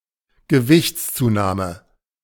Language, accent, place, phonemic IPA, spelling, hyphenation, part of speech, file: German, Germany, Berlin, /ɡəˈvɪçt͡st͡suˌnaːmə/, Gewichtszunahme, Ge‧wichts‧zu‧nah‧me, noun, De-Gewichtszunahme.ogg
- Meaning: weight gain